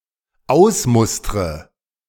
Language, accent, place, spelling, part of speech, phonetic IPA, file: German, Germany, Berlin, ausmustre, verb, [ˈaʊ̯sˌmʊstʁə], De-ausmustre.ogg
- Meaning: inflection of ausmustern: 1. first-person singular dependent present 2. first/third-person singular dependent subjunctive I